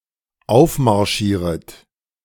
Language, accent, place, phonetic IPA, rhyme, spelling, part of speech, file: German, Germany, Berlin, [ˈaʊ̯fmaʁˌʃiːʁət], -aʊ̯fmaʁʃiːʁət, aufmarschieret, verb, De-aufmarschieret.ogg
- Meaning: second-person plural dependent subjunctive I of aufmarschieren